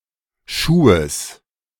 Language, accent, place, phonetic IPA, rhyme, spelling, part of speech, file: German, Germany, Berlin, [ˈʃuːəs], -uːəs, Schuhes, noun, De-Schuhes.ogg
- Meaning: genitive singular of Schuh